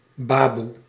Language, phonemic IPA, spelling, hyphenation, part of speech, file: Dutch, /ˈbaːbu/, baboe, ba‧boe, noun, Nl-baboe.ogg
- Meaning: 1. amah, ayah; a native Indonesian woman employed as a wet nurse, nanny and/or maid by Europeans in the former Dutch East Indies 2. babu